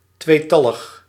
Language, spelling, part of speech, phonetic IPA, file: Dutch, tweetallig, adjective, [ˈtʋeː.ˌtɑ.ləx], Nl-tweetallig.ogg
- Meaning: 1. binary (using binary number system) 2. twofold (symmetry)